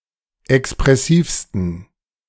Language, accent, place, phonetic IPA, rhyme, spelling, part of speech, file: German, Germany, Berlin, [ɛkspʁɛˈsiːfstn̩], -iːfstn̩, expressivsten, adjective, De-expressivsten.ogg
- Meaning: 1. superlative degree of expressiv 2. inflection of expressiv: strong genitive masculine/neuter singular superlative degree